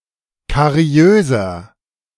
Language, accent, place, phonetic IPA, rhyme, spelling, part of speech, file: German, Germany, Berlin, [kaˈʁi̯øːzɐ], -øːzɐ, kariöser, adjective, De-kariöser.ogg
- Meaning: inflection of kariös: 1. strong/mixed nominative masculine singular 2. strong genitive/dative feminine singular 3. strong genitive plural